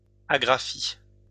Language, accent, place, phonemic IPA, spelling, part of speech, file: French, France, Lyon, /a.ɡʁa.fi/, agraphie, noun, LL-Q150 (fra)-agraphie.wav
- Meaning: agraphia